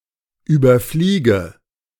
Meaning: inflection of überfliegen: 1. first-person singular present 2. first/third-person singular subjunctive I 3. singular imperative
- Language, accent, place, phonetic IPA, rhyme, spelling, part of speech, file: German, Germany, Berlin, [ˌyːbɐˈfliːɡə], -iːɡə, überfliege, verb, De-überfliege.ogg